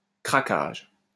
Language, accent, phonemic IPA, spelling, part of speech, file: French, France, /kʁa.kaʒ/, crackage, noun, LL-Q150 (fra)-crackage.wav
- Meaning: alternative form of craquage